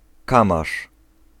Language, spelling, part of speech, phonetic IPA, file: Polish, kamasz, noun, [ˈkãmaʃ], Pl-kamasz.ogg